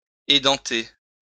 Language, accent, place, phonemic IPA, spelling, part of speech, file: French, France, Lyon, /e.dɑ̃.te/, édenter, verb, LL-Q150 (fra)-édenter.wav
- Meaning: to remove teeth